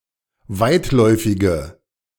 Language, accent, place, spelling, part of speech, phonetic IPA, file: German, Germany, Berlin, weitläufige, adjective, [ˈvaɪ̯tˌlɔɪ̯fɪɡə], De-weitläufige.ogg
- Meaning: inflection of weitläufig: 1. strong/mixed nominative/accusative feminine singular 2. strong nominative/accusative plural 3. weak nominative all-gender singular